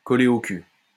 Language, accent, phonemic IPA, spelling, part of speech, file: French, France, /kɔ.le o kyl/, coller au cul, verb, LL-Q150 (fra)-coller au cul.wav
- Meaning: 1. to tailgate 2. to follow (someone) everywhere, to breathe down someone's neck, to stay close to (someone) all the time, to stick to (someone) like glue, like a leech, to dog (someone's) footsteps